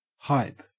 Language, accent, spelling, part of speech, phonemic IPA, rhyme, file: English, Australia, hype, noun / verb / adjective, /haɪp/, -aɪp, En-au-hype.ogg
- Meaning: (noun) Promotion or propaganda, especially exaggerated claims; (verb) To promote or advertise heavily; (adjective) 1. Hyped; excited 2. Excellent, cool; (noun) Clipping of hypodermic needle